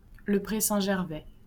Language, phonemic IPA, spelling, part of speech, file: French, /ʒɛʁ.vɛ/, Gervais, proper noun, LL-Q150 (fra)-Gervais.wav
- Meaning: 1. a male given name, equivalent to English Gervase 2. a surname originating as a patronymic